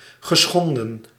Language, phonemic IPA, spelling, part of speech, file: Dutch, /ɣəˈsxɔndə(n)/, geschonden, verb, Nl-geschonden.ogg
- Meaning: past participle of schenden